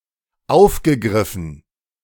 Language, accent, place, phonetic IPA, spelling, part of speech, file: German, Germany, Berlin, [ˈaʊ̯fɡəˌɡʁɪfn̩], aufgegriffen, verb, De-aufgegriffen.ogg
- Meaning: past participle of aufgreifen